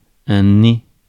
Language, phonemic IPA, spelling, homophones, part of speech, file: French, /ne/, nez, né / née / nées / nés, noun, Fr-nez.ogg
- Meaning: 1. nose 2. someone who invents perfumes